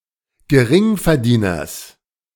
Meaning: genitive singular of Geringverdiener
- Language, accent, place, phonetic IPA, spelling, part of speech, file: German, Germany, Berlin, [ɡəˈʁɪŋfɛɐ̯ˌdiːnɐs], Geringverdieners, noun, De-Geringverdieners.ogg